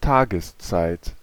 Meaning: 1. time of day 2. daytime
- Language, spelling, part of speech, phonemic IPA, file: German, Tageszeit, noun, /ˈtaːɡəsˌt͡saɪ̯t/, De-Tageszeit.ogg